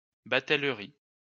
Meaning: transport (of goods) via inland waterways
- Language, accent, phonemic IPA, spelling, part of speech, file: French, France, /ba.tɛl.ʁi/, batellerie, noun, LL-Q150 (fra)-batellerie.wav